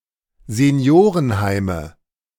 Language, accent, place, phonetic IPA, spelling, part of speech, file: German, Germany, Berlin, [zeˈni̯oːʁənˌhaɪ̯mə], Seniorenheime, noun, De-Seniorenheime.ogg
- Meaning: nominative/accusative/genitive plural of Seniorenheim